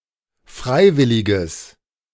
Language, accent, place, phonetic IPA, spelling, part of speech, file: German, Germany, Berlin, [ˈfʁaɪ̯ˌvɪlɪɡəs], freiwilliges, adjective, De-freiwilliges.ogg
- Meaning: strong/mixed nominative/accusative neuter singular of freiwillig